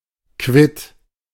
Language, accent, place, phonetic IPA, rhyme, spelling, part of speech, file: German, Germany, Berlin, [kvɪt], -ɪt, quitt, adjective, De-quitt.ogg
- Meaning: 1. quits, even 2. rid of something, having lost something